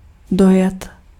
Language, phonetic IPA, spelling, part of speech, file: Czech, [ˈdojɛt], dojet, verb, Cs-dojet.ogg
- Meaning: to arrive (arrive by a wheeled vehicle)